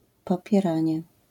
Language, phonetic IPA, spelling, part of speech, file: Polish, [ˌpɔpʲjɛˈrãɲɛ], popieranie, noun, LL-Q809 (pol)-popieranie.wav